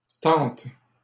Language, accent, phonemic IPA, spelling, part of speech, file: French, Canada, /tɑ̃t/, tentes, noun / verb, LL-Q150 (fra)-tentes.wav
- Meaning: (noun) plural of tente; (verb) second-person singular present indicative/subjunctive of tenter